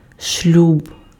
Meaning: marriage, matrimony (state of being married)
- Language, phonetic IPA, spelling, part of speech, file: Ukrainian, [ʃlʲub], шлюб, noun, Uk-шлюб.ogg